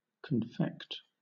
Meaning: 1. To make up, prepare, or compound; to produce by combining ingredients or materials; to concoct 2. To make into a confection; to prepare as a candy, sweetmeat, preserve, or the like
- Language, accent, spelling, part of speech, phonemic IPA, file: English, Southern England, confect, verb, /kənˈfɛkt/, LL-Q1860 (eng)-confect.wav